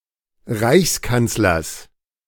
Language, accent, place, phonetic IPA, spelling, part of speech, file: German, Germany, Berlin, [ˈʁaɪ̯çsˌkant͡slɐs], Reichskanzlers, noun, De-Reichskanzlers.ogg
- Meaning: genitive singular of Reichskanzler